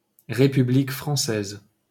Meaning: French Republic (official name of France: a country in Western Europe; abbreviation R. F.)
- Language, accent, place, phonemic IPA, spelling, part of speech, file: French, France, Paris, /ʁe.py.blik fʁɑ̃.sɛz/, République française, proper noun, LL-Q150 (fra)-République française.wav